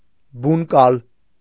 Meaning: nest egg, an egg placed in a henhouse that induces the hens to lay eggs
- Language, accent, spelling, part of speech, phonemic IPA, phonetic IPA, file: Armenian, Eastern Armenian, բունկալ, noun, /bunˈkɑl/, [buŋkɑ́l], Hy-բունկալ.ogg